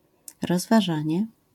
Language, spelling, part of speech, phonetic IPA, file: Polish, rozważanie, noun, [ˌrɔzvaˈʒãɲɛ], LL-Q809 (pol)-rozważanie.wav